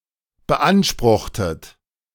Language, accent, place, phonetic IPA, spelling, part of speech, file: German, Germany, Berlin, [bəˈʔanʃpʁʊxtət], beanspruchtet, verb, De-beanspruchtet.ogg
- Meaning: inflection of beanspruchen: 1. second-person plural preterite 2. second-person plural subjunctive II